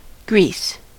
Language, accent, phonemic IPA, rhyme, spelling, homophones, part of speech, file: English, US, /ɡɹis/, -iːs, grease, Greece, noun, En-us-grease.ogg
- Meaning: 1. Animal fat in a melted or soft state 2. Any oily or fatty matter 3. Shorn but not yet cleansed wool 4. Inflammation of a horse's heels, also known as scratches or pastern dermatitis 5. Money